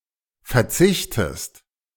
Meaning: inflection of verzichten: 1. second-person singular present 2. second-person singular subjunctive I
- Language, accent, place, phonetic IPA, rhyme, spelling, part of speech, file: German, Germany, Berlin, [fɛɐ̯ˈt͡sɪçtəst], -ɪçtəst, verzichtest, verb, De-verzichtest.ogg